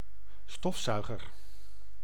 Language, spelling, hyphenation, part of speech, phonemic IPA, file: Dutch, stofzuiger, stof‧zui‧ger, noun, /ˈstɔfˌsœy̯.ɣər/, Nl-stofzuiger.ogg
- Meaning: 1. vacuum cleaner, hoover 2. a stationary industrial device that removes dust and other particles